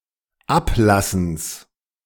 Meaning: genitive of Ablassen
- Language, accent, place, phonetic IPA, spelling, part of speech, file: German, Germany, Berlin, [ˈaplasn̩s], Ablassens, noun, De-Ablassens.ogg